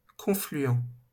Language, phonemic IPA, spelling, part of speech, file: French, /kɔ̃.fly.ɑ̃/, confluent, adjective / noun, LL-Q150 (fra)-confluent.wav
- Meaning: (adjective) confluent; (noun) confluence (point where two rivers or streams meet)